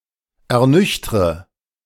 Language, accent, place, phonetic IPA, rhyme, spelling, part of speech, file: German, Germany, Berlin, [ɛɐ̯ˈnʏçtʁə], -ʏçtʁə, ernüchtre, verb, De-ernüchtre.ogg
- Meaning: inflection of ernüchtern: 1. first-person singular present 2. first/third-person singular subjunctive I 3. singular imperative